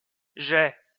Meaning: the name of the Armenian letter ժ (ž)
- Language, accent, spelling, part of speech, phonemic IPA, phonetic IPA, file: Armenian, Eastern Armenian, ժե, noun, /ʒe/, [ʒe], Hy-ժե.ogg